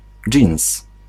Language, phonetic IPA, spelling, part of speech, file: Polish, [d͡ʒʲĩw̃s], dżins, noun, Pl-dżins.ogg